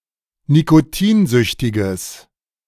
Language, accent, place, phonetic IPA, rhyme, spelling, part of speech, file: German, Germany, Berlin, [nikoˈtiːnˌzʏçtɪɡəs], -iːnzʏçtɪɡəs, nikotinsüchtiges, adjective, De-nikotinsüchtiges.ogg
- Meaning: strong/mixed nominative/accusative neuter singular of nikotinsüchtig